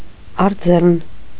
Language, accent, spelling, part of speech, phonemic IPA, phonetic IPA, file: Armenian, Eastern Armenian, առձեռն, adjective / adverb, /ɑrˈd͡zerən/, [ɑrd͡zérən], Hy-առձեռն.ogg
- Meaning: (adjective) 1. on hand, handy, ready 2. hand-delivered; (adverb) by hand delivery